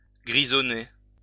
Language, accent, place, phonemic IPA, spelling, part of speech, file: French, France, Lyon, /ɡʁi.zɔ.ne/, grisonner, verb, LL-Q150 (fra)-grisonner.wav
- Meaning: to (become) grey (especially of hair)